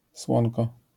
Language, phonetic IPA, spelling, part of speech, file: Polish, [ˈswɔ̃nkɔ], słonko, noun, LL-Q809 (pol)-słonko.wav